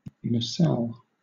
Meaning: The compartment that holds passengers on a dirigible, hot-air balloon, or other aerostat; a gondola
- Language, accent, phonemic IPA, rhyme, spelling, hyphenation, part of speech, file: English, Southern England, /nəˈsɛl/, -ɛl, nacelle, na‧celle, noun, LL-Q1860 (eng)-nacelle.wav